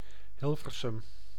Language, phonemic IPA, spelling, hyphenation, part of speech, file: Dutch, /ˈɦɪl.vər.sʏm/, Hilversum, Hil‧ver‧sum, proper noun, Nl-Hilversum.ogg
- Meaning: 1. Hilversum (a city and municipality of North Holland, Netherlands) 2. the national broadcasting sector of the Netherlands